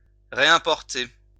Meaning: to reimport
- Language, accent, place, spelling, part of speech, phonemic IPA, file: French, France, Lyon, réimporter, verb, /ʁe.ɛ̃.pɔʁ.te/, LL-Q150 (fra)-réimporter.wav